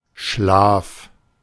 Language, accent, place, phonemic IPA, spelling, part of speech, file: German, Germany, Berlin, /ʃlaːf/, Schlaf, noun, De-Schlaf.ogg
- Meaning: 1. sleep (condition of reduced consciousness) 2. sleep (dried mucus in the corner of the eyes) 3. temple (anatomy)